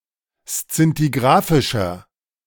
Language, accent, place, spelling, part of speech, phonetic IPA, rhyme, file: German, Germany, Berlin, szintigrafischer, adjective, [st͡sɪntiˈɡʁaːfɪʃɐ], -aːfɪʃɐ, De-szintigrafischer.ogg
- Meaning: inflection of szintigrafisch: 1. strong/mixed nominative masculine singular 2. strong genitive/dative feminine singular 3. strong genitive plural